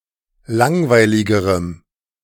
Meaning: strong dative masculine/neuter singular comparative degree of langweilig
- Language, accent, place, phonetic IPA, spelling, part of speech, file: German, Germany, Berlin, [ˈlaŋvaɪ̯lɪɡəʁəm], langweiligerem, adjective, De-langweiligerem.ogg